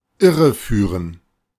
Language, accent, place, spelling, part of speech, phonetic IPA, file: German, Germany, Berlin, irreführen, verb, [ˈɪʁəˌfyːʁən], De-irreführen.ogg
- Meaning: 1. to mislead 2. to misguide